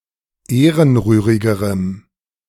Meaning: strong dative masculine/neuter singular comparative degree of ehrenrührig
- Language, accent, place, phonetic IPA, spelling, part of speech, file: German, Germany, Berlin, [ˈeːʁənˌʁyːʁɪɡəʁəm], ehrenrührigerem, adjective, De-ehrenrührigerem.ogg